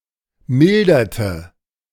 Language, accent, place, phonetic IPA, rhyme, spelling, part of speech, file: German, Germany, Berlin, [ˈmɪldɐtə], -ɪldɐtə, milderte, verb, De-milderte.ogg
- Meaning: inflection of mildern: 1. first/third-person singular preterite 2. first/third-person singular subjunctive II